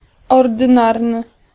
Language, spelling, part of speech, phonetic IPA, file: Polish, ordynarny, adjective, [ˌɔrdɨ̃ˈnarnɨ], Pl-ordynarny.ogg